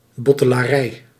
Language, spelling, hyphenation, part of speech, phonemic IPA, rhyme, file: Dutch, bottelarij, bot‧te‧la‧rij, noun, /ˌbɔ.tə.laːˈrɛi̯/, -ɛi̯, Nl-bottelarij.ogg
- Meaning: 1. a provision room on a ship 2. a wine cellar 3. bottling plant